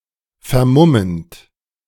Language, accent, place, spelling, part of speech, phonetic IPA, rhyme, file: German, Germany, Berlin, vermummend, verb, [fɛɐ̯ˈmʊmənt], -ʊmənt, De-vermummend.ogg
- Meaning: present participle of vermummen